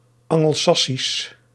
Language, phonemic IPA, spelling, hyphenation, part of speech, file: Dutch, /ˌɑ.ŋəlˈsɑ.sis/, Angelsassisch, An‧gel‧sas‧sisch, adjective / proper noun, Nl-Angelsassisch.ogg
- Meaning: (adjective) dated form of Angelsaksisch